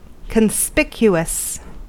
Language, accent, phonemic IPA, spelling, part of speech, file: English, US, /kənˈspɪk.ju.əs/, conspicuous, adjective, En-us-conspicuous.ogg
- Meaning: 1. Obvious or easy to notice 2. Noticeable or attracting attention, especially if unattractive